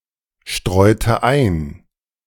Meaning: inflection of einstreuen: 1. first/third-person singular preterite 2. first/third-person singular subjunctive II
- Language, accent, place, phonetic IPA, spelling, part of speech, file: German, Germany, Berlin, [ˌʃtʁɔɪ̯tə ˈaɪ̯n], streute ein, verb, De-streute ein.ogg